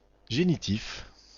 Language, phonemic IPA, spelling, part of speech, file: French, /ʒe.ni.tif/, génitif, adjective / noun, Génitif-FR.ogg
- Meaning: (adjective) genitive (relating to the case of possession); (noun) genitive, genitive case